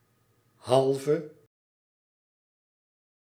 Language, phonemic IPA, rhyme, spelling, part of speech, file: Dutch, /ˈɦɑl.və/, -ɑlvə, halve, adjective, Nl-halve.ogg
- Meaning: inflection of half: 1. masculine/feminine singular attributive 2. definite neuter singular attributive 3. plural attributive